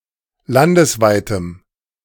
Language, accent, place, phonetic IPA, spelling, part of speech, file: German, Germany, Berlin, [ˈlandəsˌvaɪ̯təm], landesweitem, adjective, De-landesweitem.ogg
- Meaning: strong dative masculine/neuter singular of landesweit